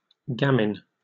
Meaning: A homeless boy; a male street urchin; also (more generally), a cheeky, street-smart boy
- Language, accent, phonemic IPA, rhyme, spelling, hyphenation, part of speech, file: English, Received Pronunciation, /ˈɡæmɪn/, -æmɪn, gamin, ga‧min, noun, En-uk-gamin.oga